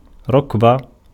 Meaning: knee
- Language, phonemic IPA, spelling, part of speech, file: Arabic, /ruk.ba/, ركبة, noun, Ar-ركبة.ogg